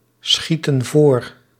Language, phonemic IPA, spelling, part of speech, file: Dutch, /ˈsxitə(n) ˈvor/, schieten voor, verb, Nl-schieten voor.ogg
- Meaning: inflection of voorschieten: 1. plural present indicative 2. plural present subjunctive